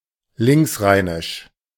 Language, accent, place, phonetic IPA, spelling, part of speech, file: German, Germany, Berlin, [ˈlɪŋksˌʁaɪ̯nɪʃ], linksrheinisch, adjective, De-linksrheinisch.ogg
- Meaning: on the left (thus: west) side of the Rhine